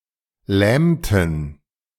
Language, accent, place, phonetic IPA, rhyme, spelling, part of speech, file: German, Germany, Berlin, [ˈlɛːmtn̩], -ɛːmtn̩, lähmten, verb, De-lähmten.ogg
- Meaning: inflection of lähmen: 1. first/third-person plural preterite 2. first/third-person plural subjunctive II